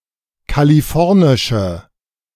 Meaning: inflection of kalifornisch: 1. strong/mixed nominative/accusative feminine singular 2. strong nominative/accusative plural 3. weak nominative all-gender singular
- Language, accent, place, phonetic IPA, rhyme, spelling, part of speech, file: German, Germany, Berlin, [kaliˈfɔʁnɪʃə], -ɔʁnɪʃə, kalifornische, adjective, De-kalifornische.ogg